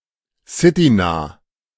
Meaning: near the city
- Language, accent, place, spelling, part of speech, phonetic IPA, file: German, Germany, Berlin, citynah, adjective, [ˈsɪtiˌnaː], De-citynah.ogg